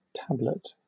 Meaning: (noun) 1. A slab of clay, stone or wood used for inscription 2. A short scripture written by the founders of the Baháʼí Faith 3. A pill; a small, easily swallowed portion of a substance in solid form
- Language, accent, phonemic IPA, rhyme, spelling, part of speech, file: English, Southern England, /ˈtæblət/, -æblət, tablet, noun / verb, LL-Q1860 (eng)-tablet.wav